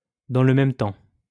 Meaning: 1. at the same time, at once, in the same breath, simultaneously 2. on the other hand, at the same time, then again
- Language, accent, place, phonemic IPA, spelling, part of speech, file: French, France, Lyon, /dɑ̃ l(ə) mɛm tɑ̃/, dans le même temps, adverb, LL-Q150 (fra)-dans le même temps.wav